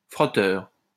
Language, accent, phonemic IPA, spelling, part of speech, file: French, France, /fʁɔ.tœʁ/, frotteur, noun, LL-Q150 (fra)-frotteur.wav
- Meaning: 1. rubber, polisher (of floors, etc.) 2. frotteur (one who commits the act of non-consensually rubbing one’s genitalia against another person, usually a stranger)